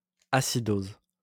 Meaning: acidosis (an abnormally increased acidity of the blood)
- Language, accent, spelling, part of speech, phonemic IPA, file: French, France, acidose, noun, /a.si.doz/, LL-Q150 (fra)-acidose.wav